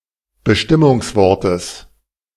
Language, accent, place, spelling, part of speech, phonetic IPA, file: German, Germany, Berlin, Bestimmungswortes, noun, [bəˈʃtɪmʊŋsˌvɔʁtəs], De-Bestimmungswortes.ogg
- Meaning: genitive of Bestimmungswort